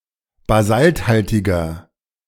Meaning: inflection of basalthaltig: 1. strong/mixed nominative masculine singular 2. strong genitive/dative feminine singular 3. strong genitive plural
- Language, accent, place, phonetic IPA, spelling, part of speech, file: German, Germany, Berlin, [baˈzaltˌhaltɪɡɐ], basalthaltiger, adjective, De-basalthaltiger.ogg